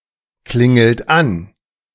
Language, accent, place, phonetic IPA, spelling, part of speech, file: German, Germany, Berlin, [ˌklɪŋl̩t ˈan], klingelt an, verb, De-klingelt an.ogg
- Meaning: inflection of anklingeln: 1. second-person plural present 2. third-person singular present 3. plural imperative